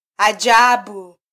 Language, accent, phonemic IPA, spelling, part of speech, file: Swahili, Kenya, /ɑˈʄɑ.ɓu/, ajabu, noun / adjective / verb, Sw-ke-ajabu.flac
- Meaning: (noun) 1. wonder, amazement 2. something which is wondrous or amazing; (adjective) wonderful; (verb) to be amazed or surprised